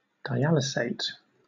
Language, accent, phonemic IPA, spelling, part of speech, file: English, Southern England, /daɪˈælɪseɪt/, dialysate, noun, LL-Q1860 (eng)-dialysate.wav
- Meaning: A product of dialysis.: 1. The material that passes through a membrane during dialysis 2. The material that does not pass through a membrane during dialysis